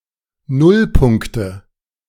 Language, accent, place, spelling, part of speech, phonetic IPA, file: German, Germany, Berlin, Nullpunkte, noun, [ˈnʊlˌpʊŋktə], De-Nullpunkte.ogg
- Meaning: nominative/accusative/genitive plural of Nullpunkt